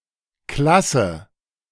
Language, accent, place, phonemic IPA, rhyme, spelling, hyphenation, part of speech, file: German, Germany, Berlin, /ˈklasə/, -asə, Klasse, Klas‧se, noun, De-Klasse.ogg
- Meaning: 1. a class; a grouping: form; grade; year 2. a class; a grouping: class (grouping based on upbringing, job, wealth, etc.) 3. a class; a grouping: class 4. class; excellence